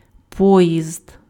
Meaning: train (line of connected cars or carriages)
- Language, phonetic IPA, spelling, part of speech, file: Ukrainian, [ˈpɔjizd], поїзд, noun, Uk-поїзд.ogg